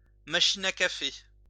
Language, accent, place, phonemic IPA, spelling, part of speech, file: French, France, Lyon, /ma.ʃi.n‿a ka.fe/, machine à café, noun, LL-Q150 (fra)-machine à café.wav
- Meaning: coffee machine